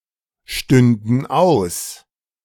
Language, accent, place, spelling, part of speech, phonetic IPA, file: German, Germany, Berlin, stünden aus, verb, [ˌʃtʏndn̩ ˈaʊ̯s], De-stünden aus.ogg
- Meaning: first/third-person plural subjunctive II of ausstehen